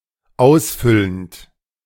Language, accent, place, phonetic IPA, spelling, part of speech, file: German, Germany, Berlin, [ˈaʊ̯sˌfʏlənt], ausfüllend, verb, De-ausfüllend.ogg
- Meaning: present participle of ausfüllen